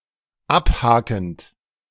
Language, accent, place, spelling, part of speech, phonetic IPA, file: German, Germany, Berlin, abhakend, verb, [ˈapˌhaːkn̩t], De-abhakend.ogg
- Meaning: present participle of abhaken